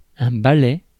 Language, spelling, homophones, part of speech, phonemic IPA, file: French, balai, balais / ballet / ballets, noun, /ba.lɛ/, Fr-balai.ogg
- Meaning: 1. broom 2. broomstick flown by witches 3. the last bus or train (at night) 4. tail (of a bird of prey) 5. brush (electrical contact) 6. blade (of windscreen wiper)